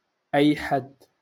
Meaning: anyone
- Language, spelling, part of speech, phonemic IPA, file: Moroccan Arabic, أي حد, pronoun, /ʔajː‿ħadd/, LL-Q56426 (ary)-أي حد.wav